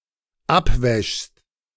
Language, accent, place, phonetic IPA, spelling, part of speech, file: German, Germany, Berlin, [ˈapˌvɛʃst], abwäschst, verb, De-abwäschst.ogg
- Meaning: second-person singular dependent present of abwaschen